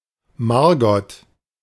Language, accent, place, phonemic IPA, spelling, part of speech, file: German, Germany, Berlin, /ˈmaʁ.ɡɔt/, Margot, proper noun, De-Margot.ogg
- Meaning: a female given name